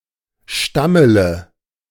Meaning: inflection of stammeln: 1. first-person singular present 2. first/third-person singular subjunctive I 3. singular imperative
- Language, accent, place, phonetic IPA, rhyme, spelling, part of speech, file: German, Germany, Berlin, [ˈʃtamələ], -amələ, stammele, verb, De-stammele.ogg